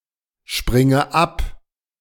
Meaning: inflection of abspringen: 1. first-person singular present 2. first/third-person singular subjunctive I 3. singular imperative
- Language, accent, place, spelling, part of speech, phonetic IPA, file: German, Germany, Berlin, springe ab, verb, [ˌʃpʁɪŋə ˈap], De-springe ab.ogg